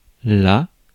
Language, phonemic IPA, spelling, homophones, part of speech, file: French, /la/, la, là / las, article / pronoun / noun, Fr-la.ogg
- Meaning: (article) feminine of le: the; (pronoun) her, it (direct object); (noun) la, the note 'A'